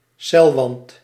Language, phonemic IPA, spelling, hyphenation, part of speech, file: Dutch, /ˈsɛl.ʋɑnt/, celwand, cel‧wand, noun, Nl-celwand.ogg
- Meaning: cell wall